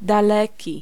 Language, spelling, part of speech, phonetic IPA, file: Polish, daleki, adjective, [daˈlɛci], Pl-daleki.ogg